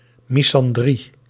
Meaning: misandry
- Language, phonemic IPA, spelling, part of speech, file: Dutch, /ˌmizɑnˈdri/, misandrie, noun, Nl-misandrie.ogg